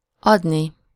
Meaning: infinitive of ad
- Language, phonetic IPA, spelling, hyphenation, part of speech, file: Hungarian, [ˈɒdni], adni, ad‧ni, verb, Hu-adni.ogg